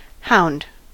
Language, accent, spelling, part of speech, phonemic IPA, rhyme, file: English, US, hound, noun / verb, /haʊnd/, -aʊnd, En-us-hound.ogg
- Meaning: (noun) 1. A dog, particularly a breed with a good sense of smell developed for hunting other animals 2. Any canine animal 3. Someone who seeks something